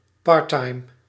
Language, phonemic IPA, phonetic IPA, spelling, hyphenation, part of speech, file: Dutch, /ˈpɑr.tɑi̯m/, [ˈpɑ(ː)ɹ.tɑi̯m], parttime, part‧time, adjective, Nl-parttime.ogg
- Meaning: part-time (of an activity, such as a job, that takes less time than usually)